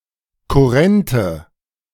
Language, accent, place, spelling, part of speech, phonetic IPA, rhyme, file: German, Germany, Berlin, kurrente, adjective, [kʊˈʁɛntə], -ɛntə, De-kurrente.ogg
- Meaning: inflection of kurrent: 1. strong/mixed nominative/accusative feminine singular 2. strong nominative/accusative plural 3. weak nominative all-gender singular 4. weak accusative feminine/neuter singular